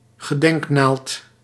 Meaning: memorial obelisk
- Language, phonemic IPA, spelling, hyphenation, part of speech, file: Dutch, /ɣəˈdɛŋkˌnaːlt/, gedenknaald, ge‧denk‧naald, noun, Nl-gedenknaald.ogg